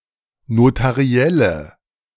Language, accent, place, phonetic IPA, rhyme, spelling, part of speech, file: German, Germany, Berlin, [notaˈʁi̯ɛlə], -ɛlə, notarielle, adjective, De-notarielle.ogg
- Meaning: inflection of notariell: 1. strong/mixed nominative/accusative feminine singular 2. strong nominative/accusative plural 3. weak nominative all-gender singular